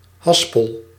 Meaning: 1. reel (a machine on which wire, cable, hose etc. is wound) 2. swift 3. niddy-noddy
- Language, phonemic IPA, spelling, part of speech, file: Dutch, /ˈɦɑs.pəl/, haspel, noun, Nl-haspel.ogg